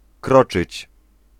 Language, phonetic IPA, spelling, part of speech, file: Polish, [ˈkrɔt͡ʃɨt͡ɕ], kroczyć, verb, Pl-kroczyć.ogg